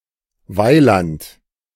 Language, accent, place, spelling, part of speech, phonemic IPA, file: German, Germany, Berlin, weiland, adverb, /ˈvaɪ̯lant/, De-weiland.ogg
- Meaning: once, in old times